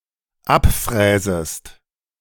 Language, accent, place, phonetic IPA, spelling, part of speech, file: German, Germany, Berlin, [ˈapˌfʁɛːzəst], abfräsest, verb, De-abfräsest.ogg
- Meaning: second-person singular dependent subjunctive I of abfräsen